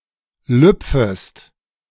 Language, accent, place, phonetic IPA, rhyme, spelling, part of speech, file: German, Germany, Berlin, [ˈlʏp͡fəst], -ʏp͡fəst, lüpfest, verb, De-lüpfest.ogg
- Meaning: second-person singular subjunctive I of lüpfen